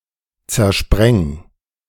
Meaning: 1. singular imperative of zersprengen 2. first-person singular present of zersprengen
- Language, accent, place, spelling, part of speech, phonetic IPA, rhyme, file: German, Germany, Berlin, zerspreng, verb, [t͡sɛɐ̯ˈʃpʁɛŋ], -ɛŋ, De-zerspreng.ogg